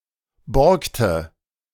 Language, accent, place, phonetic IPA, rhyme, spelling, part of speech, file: German, Germany, Berlin, [ˈbɔʁktə], -ɔʁktə, borgte, verb, De-borgte.ogg
- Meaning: inflection of borgen: 1. first/third-person singular preterite 2. first/third-person singular subjunctive II